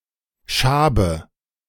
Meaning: inflection of schaben: 1. first-person singular present 2. first/third-person singular subjunctive I 3. singular imperative
- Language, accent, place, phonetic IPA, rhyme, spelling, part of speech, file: German, Germany, Berlin, [ˈʃaːbə], -aːbə, schabe, verb, De-schabe.ogg